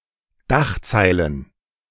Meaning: plural of Dachzeile
- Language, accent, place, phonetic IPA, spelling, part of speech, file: German, Germany, Berlin, [ˈdaxˌt͡saɪ̯lən], Dachzeilen, noun, De-Dachzeilen.ogg